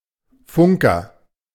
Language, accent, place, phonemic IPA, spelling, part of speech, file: German, Germany, Berlin, /ˈfʊŋkɐ/, Funker, noun, De-Funker.ogg
- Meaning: radio operator (male or of unspecified gender)